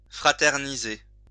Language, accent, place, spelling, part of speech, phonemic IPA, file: French, France, Lyon, fraterniser, verb, /fʁa.tɛʁ.ni.ze/, LL-Q150 (fra)-fraterniser.wav
- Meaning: to fraternize